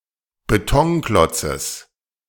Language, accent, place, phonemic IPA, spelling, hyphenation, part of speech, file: German, Germany, Berlin, /beˈtɔŋˌklɔt͡səs/, Betonklotzes, Be‧ton‧klot‧zes, noun, De-Betonklotzes.ogg
- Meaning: genitive singular of Betonklotz